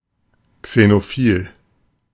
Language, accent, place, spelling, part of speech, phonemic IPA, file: German, Germany, Berlin, xenophil, adjective, /ksenoˈfiːl/, De-xenophil.ogg
- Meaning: xenophilic